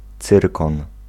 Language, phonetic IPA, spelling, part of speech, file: Polish, [ˈt͡sɨrkɔ̃n], cyrkon, noun, Pl-cyrkon.ogg